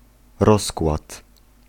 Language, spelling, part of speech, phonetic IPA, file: Polish, rozkład, noun, [ˈrɔskwat], Pl-rozkład.ogg